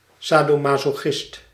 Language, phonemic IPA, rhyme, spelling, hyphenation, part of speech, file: Dutch, /ˌsaː.doː.mɑ.soːˈxɪst/, -ɪst, sadomasochist, sa‧do‧ma‧so‧chist, noun, Nl-sadomasochist.ogg
- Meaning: sadomasochist